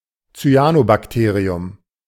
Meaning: cyanobacterium
- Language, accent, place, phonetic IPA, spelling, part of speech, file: German, Germany, Berlin, [t͡syˈaːnobakˌteːʁiʊm], Cyanobakterium, noun, De-Cyanobakterium.ogg